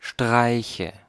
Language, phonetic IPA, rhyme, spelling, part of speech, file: German, [ˈʃtʁaɪ̯çə], -aɪ̯çə, Streiche, noun, De-Streiche.ogg
- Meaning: nominative/accusative/genitive plural of Streich